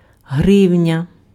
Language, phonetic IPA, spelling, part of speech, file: Ukrainian, [ˈɦrɪu̯nʲɐ], гривня, noun, Uk-гривня.ogg
- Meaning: 1. grivna (unit of currency and weight in medieval Rus) 2. three or two and a half-copeck copper coin 3. ten-copeck silver coin 4. hryvnia, hryvna, grivna (the currency of Ukraine)